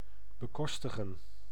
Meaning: to finance, to pay for
- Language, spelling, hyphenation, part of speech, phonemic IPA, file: Dutch, bekostigen, be‧kos‧ti‧gen, verb, /bəˈkɔstəɣə(n)/, Nl-bekostigen.ogg